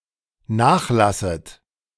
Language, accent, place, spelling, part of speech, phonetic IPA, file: German, Germany, Berlin, nachlasset, verb, [ˈnaːxˌlasət], De-nachlasset.ogg
- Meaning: second-person plural dependent subjunctive I of nachlassen